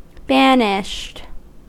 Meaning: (verb) simple past and past participle of banish; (adjective) Having been subject to banishment; kicked out and forbidden from returning; forbidden and prohibited
- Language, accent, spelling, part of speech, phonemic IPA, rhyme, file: English, US, banished, verb / adjective, /ˈbænɪʃt/, -ænɪʃt, En-us-banished.ogg